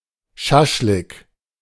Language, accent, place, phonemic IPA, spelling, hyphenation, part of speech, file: German, Germany, Berlin, /ˈʃaʃlɪk/, Schaschlik, Schasch‧lik, noun, De-Schaschlik.ogg
- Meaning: shashlik